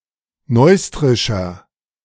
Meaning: inflection of neustrisch: 1. strong/mixed nominative masculine singular 2. strong genitive/dative feminine singular 3. strong genitive plural
- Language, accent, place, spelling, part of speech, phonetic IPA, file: German, Germany, Berlin, neustrischer, adjective, [ˈnɔɪ̯stʁɪʃɐ], De-neustrischer.ogg